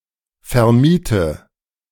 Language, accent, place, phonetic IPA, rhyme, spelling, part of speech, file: German, Germany, Berlin, [fɛɐ̯ˈmiːtə], -iːtə, vermiete, verb, De-vermiete.ogg
- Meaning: inflection of vermieten: 1. first-person singular present 2. first/third-person singular subjunctive I 3. singular imperative